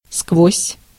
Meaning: through
- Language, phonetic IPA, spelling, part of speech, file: Russian, [skvosʲ], сквозь, preposition, Ru-сквозь.ogg